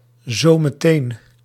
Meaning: not immediately, but soon
- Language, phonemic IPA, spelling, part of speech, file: Dutch, /ˌzoməˈten/, zo meteen, adverb, Nl-zo meteen.ogg